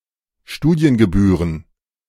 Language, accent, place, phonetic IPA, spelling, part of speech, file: German, Germany, Berlin, [ˈʃtuːdi̯ənɡəˌbyːʁən], Studiengebühren, noun, De-Studiengebühren.ogg
- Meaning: plural of Studiengebühr